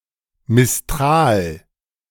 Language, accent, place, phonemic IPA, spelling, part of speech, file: German, Germany, Berlin, /mɪsˈtʁaːl/, Mistral, noun, De-Mistral.ogg
- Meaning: mistral